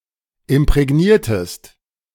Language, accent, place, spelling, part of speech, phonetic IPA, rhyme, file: German, Germany, Berlin, imprägniertest, verb, [ɪmpʁɛˈɡniːɐ̯təst], -iːɐ̯təst, De-imprägniertest.ogg
- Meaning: inflection of imprägnieren: 1. second-person singular preterite 2. second-person singular subjunctive II